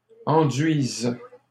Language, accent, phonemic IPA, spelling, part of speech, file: French, Canada, /ɑ̃.dɥiz/, enduise, verb, LL-Q150 (fra)-enduise.wav
- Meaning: first/third-person singular present subjunctive of enduire